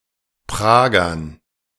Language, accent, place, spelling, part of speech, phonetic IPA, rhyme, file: German, Germany, Berlin, Pragern, noun, [ˈpʁaːɡɐn], -aːɡɐn, De-Pragern.ogg
- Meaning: dative plural of Prager